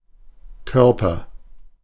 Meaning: 1. body (of a person, animal, etc.) 2. body 3. body, solid (three-dimensional object) 4. field (algebraic structure with addition and multiplication)
- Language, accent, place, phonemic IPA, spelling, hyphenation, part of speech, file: German, Germany, Berlin, /ˈkœrpər/, Körper, Kör‧per, noun, De-Körper.ogg